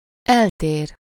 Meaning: synonym of különbözik (“to differ, to be different”, from something: -tól/-től, in some aspect: -ban/-ben)
- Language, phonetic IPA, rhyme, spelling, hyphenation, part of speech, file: Hungarian, [ˈɛlteːr], -eːr, eltér, el‧tér, verb, Hu-eltér.ogg